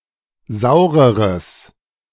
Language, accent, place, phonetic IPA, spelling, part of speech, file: German, Germany, Berlin, [ˈzaʊ̯ʁəʁəs], saureres, adjective, De-saureres.ogg
- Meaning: strong/mixed nominative/accusative neuter singular comparative degree of sauer